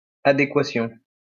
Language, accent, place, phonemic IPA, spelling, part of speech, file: French, France, Lyon, /a.de.kwa.sjɔ̃/, adéquation, noun, LL-Q150 (fra)-adéquation.wav
- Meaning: appropriateness, conformity, adequacy